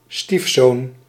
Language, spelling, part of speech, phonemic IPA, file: Dutch, stiefzoon, noun, /ˈstifson/, Nl-stiefzoon.ogg
- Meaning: stepson